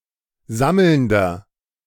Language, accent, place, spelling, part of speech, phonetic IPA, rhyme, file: German, Germany, Berlin, sammelnder, adjective, [ˈzaml̩ndɐ], -aml̩ndɐ, De-sammelnder.ogg
- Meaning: inflection of sammelnd: 1. strong/mixed nominative masculine singular 2. strong genitive/dative feminine singular 3. strong genitive plural